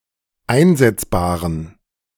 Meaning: inflection of einsetzbar: 1. strong genitive masculine/neuter singular 2. weak/mixed genitive/dative all-gender singular 3. strong/weak/mixed accusative masculine singular 4. strong dative plural
- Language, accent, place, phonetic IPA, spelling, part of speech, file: German, Germany, Berlin, [ˈaɪ̯nzɛt͡sbaːʁən], einsetzbaren, adjective, De-einsetzbaren.ogg